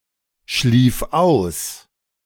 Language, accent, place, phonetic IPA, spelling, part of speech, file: German, Germany, Berlin, [ˌʃliːf ˈaʊ̯s], schlief aus, verb, De-schlief aus.ogg
- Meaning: first/third-person singular preterite of ausschlafen